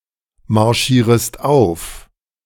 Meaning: second-person singular subjunctive I of aufmarschieren
- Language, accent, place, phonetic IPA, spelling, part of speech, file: German, Germany, Berlin, [maʁˌʃiːʁəst ˈaʊ̯f], marschierest auf, verb, De-marschierest auf.ogg